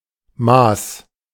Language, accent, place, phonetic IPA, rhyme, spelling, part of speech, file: German, Germany, Berlin, [maːs], -aːs, maß, verb, De-maß.ogg
- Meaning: first/third-person singular preterite of messen